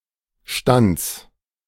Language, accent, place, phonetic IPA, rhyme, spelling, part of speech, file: German, Germany, Berlin, [ʃtant͡s], -ant͡s, Stands, noun, De-Stands.ogg
- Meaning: genitive singular of Stand